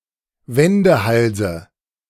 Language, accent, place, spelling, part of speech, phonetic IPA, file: German, Germany, Berlin, Wendehalse, noun, [ˈvɛndəˌhalzə], De-Wendehalse.ogg
- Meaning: dative of Wendehals